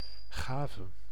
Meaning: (noun) 1. a gift, donation, present 2. a gift, talent; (verb) singular past subjunctive of geven; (adjective) inflection of gaaf: masculine/feminine singular attributive
- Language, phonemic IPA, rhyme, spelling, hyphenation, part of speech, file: Dutch, /ˈɣaːvə/, -aːvə, gave, ga‧ve, noun / verb / adjective, Nl-gave.ogg